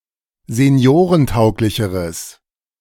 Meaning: strong/mixed nominative/accusative neuter singular comparative degree of seniorentauglich
- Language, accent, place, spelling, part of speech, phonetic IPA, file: German, Germany, Berlin, seniorentauglicheres, adjective, [zeˈni̯oːʁənˌtaʊ̯klɪçəʁəs], De-seniorentauglicheres.ogg